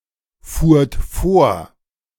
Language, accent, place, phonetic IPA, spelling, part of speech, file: German, Germany, Berlin, [fuːɐ̯t ˈfoːɐ̯], fuhrt vor, verb, De-fuhrt vor.ogg
- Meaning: second-person plural preterite of vorfahren